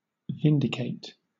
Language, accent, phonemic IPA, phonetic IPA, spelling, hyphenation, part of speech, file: English, Southern England, /ˈvɪndɪˌkeɪ̯t/, [ˈvɪndɪˌkʰeɪ̯t], vindicate, vin‧di‧cate, verb, LL-Q1860 (eng)-vindicate.wav
- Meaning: 1. To clear of an accusation, suspicion or criticism 2. To justify by providing evidence 3. To maintain or defend (a cause) against opposition 4. To be proven reasonable, correct, or justified